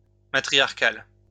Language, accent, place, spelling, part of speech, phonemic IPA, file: French, France, Lyon, matriarcal, adjective, /ma.tʁi.jaʁ.kal/, LL-Q150 (fra)-matriarcal.wav
- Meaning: matriarchal